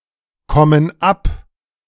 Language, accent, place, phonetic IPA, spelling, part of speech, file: German, Germany, Berlin, [ˌkɔmən ˈap], kommen ab, verb, De-kommen ab.ogg
- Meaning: inflection of abkommen: 1. first/third-person plural present 2. first/third-person plural subjunctive I